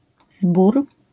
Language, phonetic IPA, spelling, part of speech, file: Polish, [zbur], zbór, noun, LL-Q809 (pol)-zbór.wav